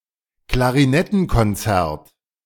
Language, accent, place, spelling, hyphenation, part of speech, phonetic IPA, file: German, Germany, Berlin, Klarinettenkonzert, Kla‧ri‧net‧ten‧kon‧zert, noun, [klaʁiˈnɛtn̩kɔnˌt͡sɛʁt], De-Klarinettenkonzert.ogg
- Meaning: clarinet concerto (musical composition)